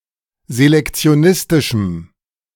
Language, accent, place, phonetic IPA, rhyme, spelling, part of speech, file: German, Germany, Berlin, [zelɛkt͡si̯oˈnɪstɪʃm̩], -ɪstɪʃm̩, selektionistischem, adjective, De-selektionistischem.ogg
- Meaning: strong dative masculine/neuter singular of selektionistisch